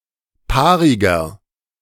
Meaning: inflection of paarig: 1. strong/mixed nominative masculine singular 2. strong genitive/dative feminine singular 3. strong genitive plural
- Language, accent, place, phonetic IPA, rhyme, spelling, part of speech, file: German, Germany, Berlin, [ˈpaːʁɪɡɐ], -aːʁɪɡɐ, paariger, adjective, De-paariger.ogg